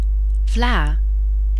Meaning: a sweet custard-based or cornflour-based dessert
- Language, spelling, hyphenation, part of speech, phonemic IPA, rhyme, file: Dutch, vla, vla, noun, /vlaː/, -aː, NL-vla.ogg